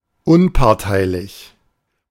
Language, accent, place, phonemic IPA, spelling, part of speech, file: German, Germany, Berlin, /ˈʊnpaʁtaɪ̯lɪç/, unparteilich, adjective, De-unparteilich.ogg
- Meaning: impartial